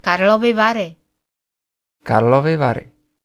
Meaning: Karlovy Vary (a spa city, district, and administrative region located in western Bohemia, Czech Republic; formerly known as Karlsbad)
- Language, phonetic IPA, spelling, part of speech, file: Czech, [karlovɪ varɪ], Karlovy Vary, proper noun, Cs-Karlovy Vary.ogg